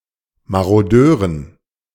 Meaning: dative plural of Marodeur
- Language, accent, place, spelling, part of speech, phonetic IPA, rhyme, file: German, Germany, Berlin, Marodeuren, noun, [maʁoˈdøːʁən], -øːʁən, De-Marodeuren.ogg